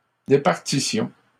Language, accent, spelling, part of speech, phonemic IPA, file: French, Canada, départissions, verb, /de.paʁ.ti.sjɔ̃/, LL-Q150 (fra)-départissions.wav
- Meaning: inflection of départir: 1. first-person plural imperfect indicative 2. first-person plural present/imperfect subjunctive